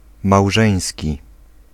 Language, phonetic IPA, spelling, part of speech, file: Polish, [mawˈʒɛ̃j̃sʲci], małżeński, adjective, Pl-małżeński.ogg